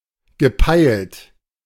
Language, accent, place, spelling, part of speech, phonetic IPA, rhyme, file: German, Germany, Berlin, gepeilt, verb, [ɡəˈpaɪ̯lt], -aɪ̯lt, De-gepeilt.ogg
- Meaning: past participle of peilen